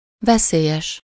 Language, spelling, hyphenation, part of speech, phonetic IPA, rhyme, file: Hungarian, veszélyes, ve‧szé‧lyes, adjective, [ˈvɛseːjɛʃ], -ɛʃ, Hu-veszélyes.ogg
- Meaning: dangerous